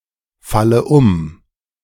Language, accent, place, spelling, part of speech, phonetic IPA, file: German, Germany, Berlin, falle um, verb, [ˌfalə ˈʊm], De-falle um.ogg
- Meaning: inflection of umfallen: 1. first-person singular present 2. first/third-person singular subjunctive I 3. singular imperative